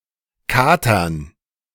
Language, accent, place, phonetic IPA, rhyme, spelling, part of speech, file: German, Germany, Berlin, [ˈkaːtɐn], -aːtɐn, Katern, noun, De-Katern.ogg
- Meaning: dative plural of Kater